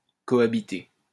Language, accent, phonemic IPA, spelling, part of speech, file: French, France, /kɔ.a.bi.te/, cohabiter, verb, LL-Q150 (fra)-cohabiter.wav
- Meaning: to cohabit, to live together